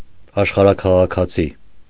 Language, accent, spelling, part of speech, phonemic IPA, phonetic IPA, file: Armenian, Eastern Armenian, աշխարհաքաղաքացի, noun, /ɑʃχɑɾɑkʰɑʁɑkʰɑˈt͡sʰi/, [ɑʃχɑɾɑkʰɑʁɑkʰɑt͡sʰí], Hy-աշխարհաքաղաքացի.ogg
- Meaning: cosmopolitan, citizen of the world, global citizen, world citizen